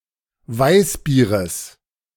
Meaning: genitive singular of Weißbier
- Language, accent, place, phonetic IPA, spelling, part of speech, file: German, Germany, Berlin, [ˈvaɪ̯sˌbiːʁəs], Weißbieres, noun, De-Weißbieres.ogg